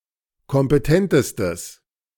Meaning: strong/mixed nominative/accusative neuter singular superlative degree of kompetent
- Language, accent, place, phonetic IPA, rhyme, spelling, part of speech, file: German, Germany, Berlin, [kɔmpəˈtɛntəstəs], -ɛntəstəs, kompetentestes, adjective, De-kompetentestes.ogg